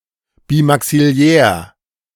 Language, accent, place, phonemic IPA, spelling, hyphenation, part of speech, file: German, Germany, Berlin, /biˌmaksiˈlɛːɐ̯/, bimaxillär, bi‧max‧il‧lär, adjective, De-bimaxillär.ogg
- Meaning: bimaxillary